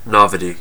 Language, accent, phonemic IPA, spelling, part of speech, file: English, US, /ˈnɑvɪti/, novity, noun, En-us-novity.ogg
- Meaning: 1. An innovation; a novelty 2. Novelty; newness